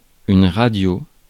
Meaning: 1. radio, tuner 2. short for radiographie 3. short for radiotélégramme 4. short for radiotélégraphiste
- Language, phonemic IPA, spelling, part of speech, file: French, /ʁa.djo/, radio, noun, Fr-radio.ogg